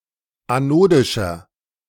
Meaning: inflection of anodisch: 1. strong/mixed nominative masculine singular 2. strong genitive/dative feminine singular 3. strong genitive plural
- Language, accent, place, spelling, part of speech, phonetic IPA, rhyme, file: German, Germany, Berlin, anodischer, adjective, [aˈnoːdɪʃɐ], -oːdɪʃɐ, De-anodischer.ogg